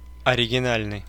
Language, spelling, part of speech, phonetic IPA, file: Russian, оригинальный, adjective, [ɐrʲɪɡʲɪˈnalʲnɨj], Ru-оригинальный.ogg
- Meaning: original (first in a series; fresh, different)